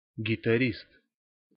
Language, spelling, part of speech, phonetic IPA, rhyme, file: Russian, гитарист, noun, [ɡʲɪtɐˈrʲist], -ist, Ru-гитарист.ogg
- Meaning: guitarist (person playing or performing on the guitar)